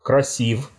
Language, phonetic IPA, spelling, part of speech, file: Russian, [krɐˈsʲif], красив, adjective, Ru-красив.ogg
- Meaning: short masculine singular of краси́вый (krasívyj)